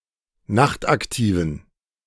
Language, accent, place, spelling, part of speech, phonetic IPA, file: German, Germany, Berlin, nachtaktiven, adjective, [ˈnaxtʔakˌtiːvn̩], De-nachtaktiven.ogg
- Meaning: inflection of nachtaktiv: 1. strong genitive masculine/neuter singular 2. weak/mixed genitive/dative all-gender singular 3. strong/weak/mixed accusative masculine singular 4. strong dative plural